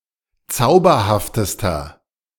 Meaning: inflection of zauberhaft: 1. strong/mixed nominative masculine singular superlative degree 2. strong genitive/dative feminine singular superlative degree 3. strong genitive plural superlative degree
- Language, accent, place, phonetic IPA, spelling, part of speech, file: German, Germany, Berlin, [ˈt͡saʊ̯bɐhaftəstɐ], zauberhaftester, adjective, De-zauberhaftester.ogg